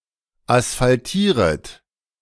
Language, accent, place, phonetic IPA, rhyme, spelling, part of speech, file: German, Germany, Berlin, [asfalˈtiːʁət], -iːʁət, asphaltieret, verb, De-asphaltieret.ogg
- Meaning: second-person plural subjunctive I of asphaltieren